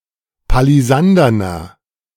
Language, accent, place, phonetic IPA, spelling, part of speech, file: German, Germany, Berlin, [paliˈzandɐnɐ], palisanderner, adjective, De-palisanderner.ogg
- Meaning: inflection of palisandern: 1. strong/mixed nominative masculine singular 2. strong genitive/dative feminine singular 3. strong genitive plural